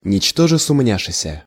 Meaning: without a shadow of a doubt; asking no question; nothing wavering (while committing a rash act)
- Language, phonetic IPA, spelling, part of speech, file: Russian, [nʲɪt͡ɕˈtoʐɨ sʊˈmnʲaʂɨsʲə], ничтоже сумняшеся, adverb, Ru-ничтоже сумняшеся.ogg